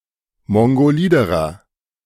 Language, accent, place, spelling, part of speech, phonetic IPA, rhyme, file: German, Germany, Berlin, mongoliderer, adjective, [ˌmɔŋɡoˈliːdəʁɐ], -iːdəʁɐ, De-mongoliderer.ogg
- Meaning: inflection of mongolid: 1. strong/mixed nominative masculine singular comparative degree 2. strong genitive/dative feminine singular comparative degree 3. strong genitive plural comparative degree